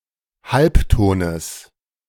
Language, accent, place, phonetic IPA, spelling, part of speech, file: German, Germany, Berlin, [ˈhalpˌtoːnəs], Halbtones, noun, De-Halbtones.ogg
- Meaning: genitive singular of Halbton